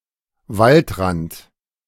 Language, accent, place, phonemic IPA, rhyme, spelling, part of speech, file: German, Germany, Berlin, /ˈvaltˌʁant/, -ant, Waldrand, noun, De-Waldrand.ogg
- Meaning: woodland edge, forest edge